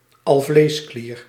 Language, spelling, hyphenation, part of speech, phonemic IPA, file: Dutch, alvleesklier, al‧vlees‧klier, noun, /ˈɑl.vleːsˌkliːr/, Nl-alvleesklier.ogg
- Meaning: pancreas